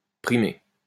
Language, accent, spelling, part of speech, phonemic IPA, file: French, France, primer, verb, /pʁi.me/, LL-Q150 (fra)-primer.wav
- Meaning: 1. to dominate, to be dominant over 2. to win (a prize) 3. to prevail, take precedent